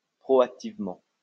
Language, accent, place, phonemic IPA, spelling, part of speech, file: French, France, Lyon, /pʁɔ.ak.tiv.mɑ̃/, proactivement, adverb, LL-Q150 (fra)-proactivement.wav
- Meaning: proactively